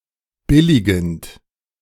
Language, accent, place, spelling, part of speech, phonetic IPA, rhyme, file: German, Germany, Berlin, billigend, verb, [ˈbɪlɪɡn̩t], -ɪlɪɡn̩t, De-billigend.ogg
- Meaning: present participle of billigen